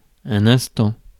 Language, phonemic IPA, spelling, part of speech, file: French, /ɛ̃s.tɑ̃/, instant, adjective / noun, Fr-instant.ogg
- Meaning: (adjective) pressing, insistent; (noun) instant, minute, moment